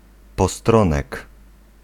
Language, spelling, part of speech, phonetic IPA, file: Polish, postronek, noun, [pɔˈstrɔ̃nɛk], Pl-postronek.ogg